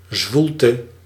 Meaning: mugginess
- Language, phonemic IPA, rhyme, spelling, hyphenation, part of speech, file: Dutch, /ˈzʋul.tə/, -ultə, zwoelte, zwoel‧te, noun, Nl-zwoelte.ogg